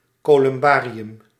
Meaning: 1. vault for funerary urns, columbarium 2. dovecote, columbarium
- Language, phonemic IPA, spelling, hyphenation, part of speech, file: Dutch, /ˌkoː.lʏmˈbaː.ri.ʏm/, columbarium, co‧lum‧ba‧ri‧um, noun, Nl-columbarium.ogg